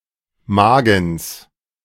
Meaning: genitive singular of Magen
- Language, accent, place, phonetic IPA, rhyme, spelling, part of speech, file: German, Germany, Berlin, [ˈmaːɡn̩s], -aːɡn̩s, Magens, noun, De-Magens.ogg